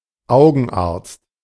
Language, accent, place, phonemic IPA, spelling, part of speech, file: German, Germany, Berlin, /ˈaʊɡənˌaʁtst/, Augenarzt, noun, De-Augenarzt.ogg
- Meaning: ophthalmologist or eye doctor (male or of unspecified gender)